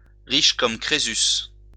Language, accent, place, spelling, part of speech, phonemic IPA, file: French, France, Lyon, riche comme Crésus, adjective, /ʁiʃ kɔm kʁe.zys/, LL-Q150 (fra)-riche comme Crésus.wav
- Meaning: rich as Croesus (extremely rich)